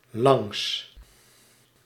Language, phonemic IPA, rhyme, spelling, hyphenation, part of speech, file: Dutch, /lɑŋs/, -ɑŋs, langs, langs, preposition / adverb / adjective, Nl-langs.ogg
- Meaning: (preposition) 1. along, alongside (implying motion) 2. along, alongside (stationary) 3. past 4. through; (adjective) partitive of lang